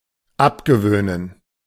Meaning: 1. to give up, to break (a habit) 2. to make sombody give up (a habit)
- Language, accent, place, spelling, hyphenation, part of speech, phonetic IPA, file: German, Germany, Berlin, abgewöhnen, ab‧ge‧wöh‧nen, verb, [ˈapɡəˌvøːnən], De-abgewöhnen.ogg